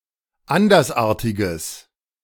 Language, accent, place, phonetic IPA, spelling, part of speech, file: German, Germany, Berlin, [ˈandɐsˌʔaːɐ̯tɪɡəs], andersartiges, adjective, De-andersartiges.ogg
- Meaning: strong/mixed nominative/accusative neuter singular of andersartig